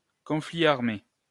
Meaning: armed conflict
- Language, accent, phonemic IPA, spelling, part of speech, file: French, France, /kɔ̃.fli aʁ.me/, conflit armé, noun, LL-Q150 (fra)-conflit armé.wav